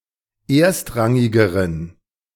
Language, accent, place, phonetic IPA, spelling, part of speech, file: German, Germany, Berlin, [ˈeːɐ̯stˌʁaŋɪɡəʁən], erstrangigeren, adjective, De-erstrangigeren.ogg
- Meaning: inflection of erstrangig: 1. strong genitive masculine/neuter singular comparative degree 2. weak/mixed genitive/dative all-gender singular comparative degree